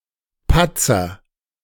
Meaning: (noun) agent noun of patzen: 1. someone who often makes blunders 2. blunder 3. spot, stain, blot; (proper noun) an Ashkenazi surname
- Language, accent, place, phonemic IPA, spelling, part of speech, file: German, Germany, Berlin, /ˈpatsɐ/, Patzer, noun / proper noun, De-Patzer.ogg